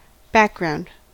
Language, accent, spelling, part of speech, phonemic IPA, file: English, General American, background, adjective / noun / verb, /ˈbæk.(ɡ)ɹaʊnd/, En-us-background.ogg
- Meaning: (adjective) Less important or less noticeable in a scene or system; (noun) One's social heritage, or previous life; what one did in the past